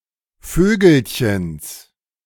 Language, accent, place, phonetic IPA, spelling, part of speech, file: German, Germany, Berlin, [ˈføːɡl̩çəns], Vögelchens, noun, De-Vögelchens.ogg
- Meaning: genitive singular of Vögelchen